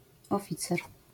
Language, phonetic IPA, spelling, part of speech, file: Polish, [ɔˈfʲit͡sɛr], oficer, noun, LL-Q809 (pol)-oficer.wav